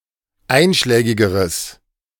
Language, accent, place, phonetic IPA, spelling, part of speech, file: German, Germany, Berlin, [ˈaɪ̯nʃlɛːɡɪɡəʁəs], einschlägigeres, adjective, De-einschlägigeres.ogg
- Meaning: strong/mixed nominative/accusative neuter singular comparative degree of einschlägig